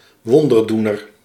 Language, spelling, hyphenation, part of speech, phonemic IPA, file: Dutch, wonderdoener, won‧der‧doe‧ner, noun, /ˈʋɔn.dərˌdu.nər/, Nl-wonderdoener.ogg
- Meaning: miracle maker, thaumaturge